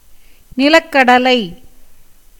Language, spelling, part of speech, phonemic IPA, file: Tamil, நிலக்கடலை, noun, /nɪlɐkːɐɖɐlɐɪ̯/, Ta-நிலக்கடலை.ogg
- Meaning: groundnut, peanut (Arachis hypogaea)